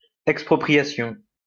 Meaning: 1. expropriation, confiscation, seizure 2. eminent domain, compulsory purchase
- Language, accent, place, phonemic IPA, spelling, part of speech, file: French, France, Lyon, /ɛk.spʁɔ.pʁi.ja.sjɔ̃/, expropriation, noun, LL-Q150 (fra)-expropriation.wav